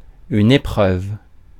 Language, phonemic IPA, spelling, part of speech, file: French, /e.pʁœv/, épreuve, noun, Fr-épreuve.ogg
- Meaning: 1. test 2. ordeal, trial 3. event, heat 4. proof 5. print 6. rushes